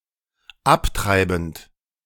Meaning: present participle of abtreiben
- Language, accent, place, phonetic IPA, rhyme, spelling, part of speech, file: German, Germany, Berlin, [ˈapˌtʁaɪ̯bn̩t], -aptʁaɪ̯bn̩t, abtreibend, verb, De-abtreibend.ogg